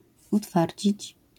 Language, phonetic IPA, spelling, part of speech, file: Polish, [utˈfarʲd͡ʑit͡ɕ], utwardzić, verb, LL-Q809 (pol)-utwardzić.wav